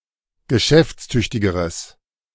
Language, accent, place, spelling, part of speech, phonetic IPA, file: German, Germany, Berlin, geschäftstüchtigeres, adjective, [ɡəˈʃɛft͡sˌtʏçtɪɡəʁəs], De-geschäftstüchtigeres.ogg
- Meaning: strong/mixed nominative/accusative neuter singular comparative degree of geschäftstüchtig